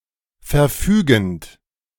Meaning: present participle of verfügen
- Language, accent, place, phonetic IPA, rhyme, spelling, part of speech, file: German, Germany, Berlin, [fɛɐ̯ˈfyːɡn̩t], -yːɡn̩t, verfügend, verb, De-verfügend.ogg